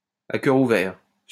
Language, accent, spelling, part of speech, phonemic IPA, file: French, France, à cœur ouvert, adjective / adverb, /a kœ.ʁ‿u.vɛʁ/, LL-Q150 (fra)-à cœur ouvert.wav
- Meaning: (adjective) open-heart; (adverb) frankly, open-heartedly, with an open heart